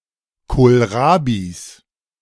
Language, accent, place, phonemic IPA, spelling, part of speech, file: German, Germany, Berlin, /koːlˈʁaːbiːs/, Kohlrabis, noun, De-Kohlrabis.ogg
- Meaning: 1. genitive singular of Kohlrabi 2. plural of Kohlrabi